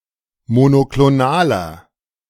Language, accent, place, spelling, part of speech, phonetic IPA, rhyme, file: German, Germany, Berlin, monoklonaler, adjective, [monokloˈnaːlɐ], -aːlɐ, De-monoklonaler.ogg
- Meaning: inflection of monoklonal: 1. strong/mixed nominative masculine singular 2. strong genitive/dative feminine singular 3. strong genitive plural